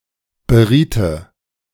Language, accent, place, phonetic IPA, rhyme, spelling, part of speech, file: German, Germany, Berlin, [bəˈʁiːtə], -iːtə, beriete, verb, De-beriete.ogg
- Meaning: first/third-person singular subjunctive II of beraten